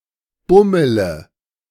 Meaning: inflection of bummeln: 1. first-person singular present 2. singular imperative 3. first/third-person singular subjunctive I
- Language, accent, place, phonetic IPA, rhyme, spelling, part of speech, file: German, Germany, Berlin, [ˈbʊmələ], -ʊmələ, bummele, verb, De-bummele.ogg